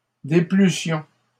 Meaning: first-person plural imperfect subjunctive of déplaire
- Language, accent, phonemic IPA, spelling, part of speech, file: French, Canada, /de.ply.sjɔ̃/, déplussions, verb, LL-Q150 (fra)-déplussions.wav